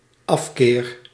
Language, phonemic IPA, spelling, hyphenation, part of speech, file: Dutch, /ˈɑf.keːr/, afkeer, af‧keer, noun, Nl-afkeer.ogg
- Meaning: 1. aversion, antipathy 2. the act of turning away